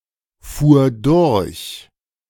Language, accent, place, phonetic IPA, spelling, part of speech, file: German, Germany, Berlin, [ˌfuːɐ̯ ˈdʊʁç], fuhr durch, verb, De-fuhr durch.ogg
- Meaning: first/third-person singular preterite of durchfahren